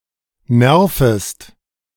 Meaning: second-person singular subjunctive I of nerven
- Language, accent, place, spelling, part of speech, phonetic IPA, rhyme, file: German, Germany, Berlin, nervest, verb, [ˈnɛʁfəst], -ɛʁfəst, De-nervest.ogg